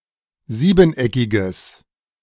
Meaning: strong/mixed nominative/accusative neuter singular of siebeneckig
- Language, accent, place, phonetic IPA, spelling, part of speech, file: German, Germany, Berlin, [ˈziːbn̩ˌʔɛkɪɡəs], siebeneckiges, adjective, De-siebeneckiges.ogg